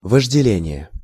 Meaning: lust, desire (strong attraction)
- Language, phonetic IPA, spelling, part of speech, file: Russian, [vəʐdʲɪˈlʲenʲɪje], вожделение, noun, Ru-вожделение.ogg